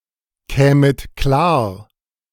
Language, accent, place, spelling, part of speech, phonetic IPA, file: German, Germany, Berlin, kämet klar, verb, [ˌkɛːmət ˈklaːɐ̯], De-kämet klar.ogg
- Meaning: second-person plural subjunctive II of klarkommen